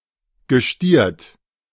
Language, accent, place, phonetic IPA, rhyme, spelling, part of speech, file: German, Germany, Berlin, [ɡəˈʃtiːɐ̯t], -iːɐ̯t, gestiert, verb, De-gestiert.ogg
- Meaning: past participle of stieren